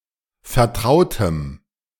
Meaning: strong dative masculine/neuter singular of vertraut
- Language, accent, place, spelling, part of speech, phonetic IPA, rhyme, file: German, Germany, Berlin, vertrautem, adjective, [fɛɐ̯ˈtʁaʊ̯təm], -aʊ̯təm, De-vertrautem.ogg